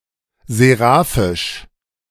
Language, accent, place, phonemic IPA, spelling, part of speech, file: German, Germany, Berlin, /zeˈʁaːfɪʃ/, seraphisch, adjective, De-seraphisch.ogg
- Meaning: seraphic